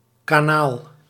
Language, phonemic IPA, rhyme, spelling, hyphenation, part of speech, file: Dutch, /kaːˈnaːl/, -aːl, Kanaal, Ka‧naal, proper noun, Nl-Kanaal.ogg
- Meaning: the English Channel or Strait of Dover, the North Sea strait between England and France